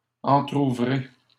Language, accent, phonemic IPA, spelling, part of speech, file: French, Canada, /ɑ̃.tʁu.vʁe/, entrouvrez, verb, LL-Q150 (fra)-entrouvrez.wav
- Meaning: inflection of entrouvrir: 1. second-person plural present indicative 2. second-person plural imperative